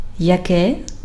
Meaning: nominative/accusative/vocative neuter singular of яки́й (jakýj)
- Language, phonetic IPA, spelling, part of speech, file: Ukrainian, [jɐˈkɛ], яке, pronoun, Uk-яке.ogg